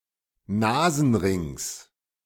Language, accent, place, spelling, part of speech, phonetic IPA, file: German, Germany, Berlin, Nasenrings, noun, [ˈnaːzn̩ˌʁɪŋs], De-Nasenrings.ogg
- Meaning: genitive singular of Nasenring